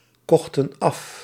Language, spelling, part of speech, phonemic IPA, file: Dutch, kochten af, verb, /ˈkɔxtə(n)ˈɑf/, Nl-kochten af.ogg
- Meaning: inflection of afkopen: 1. plural past indicative 2. plural past subjunctive